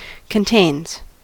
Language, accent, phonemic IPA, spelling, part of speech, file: English, US, /kənˈteɪnz/, contains, verb, En-us-contains.ogg
- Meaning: third-person singular simple present indicative of contain